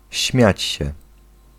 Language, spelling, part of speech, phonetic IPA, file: Polish, śmiać się, verb, [ˈɕmʲjät͡ɕ‿ɕɛ], Pl-śmiać się.ogg